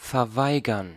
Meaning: to refuse, to deny [with accusative ‘’] and [with dative ‘’] (often as the necessary requirements have not been met)
- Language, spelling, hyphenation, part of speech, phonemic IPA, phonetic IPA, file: German, verweigern, ver‧wei‧gern, verb, /fɛʁˈvaɪ̯ɡəʁn/, [fɛɐ̯ˈvaɪ̯ɡɐn], De-verweigern.ogg